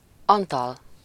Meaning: 1. a male given name from Latin, equivalent to English Anthony 2. a surname
- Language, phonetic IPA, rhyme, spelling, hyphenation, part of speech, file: Hungarian, [ˈɒntɒl], -ɒl, Antal, An‧tal, proper noun, Hu-Antal.ogg